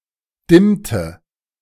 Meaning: inflection of dimmen: 1. first/third-person singular preterite 2. first/third-person singular subjunctive II
- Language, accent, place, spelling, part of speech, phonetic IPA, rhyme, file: German, Germany, Berlin, dimmte, verb, [ˈdɪmtə], -ɪmtə, De-dimmte.ogg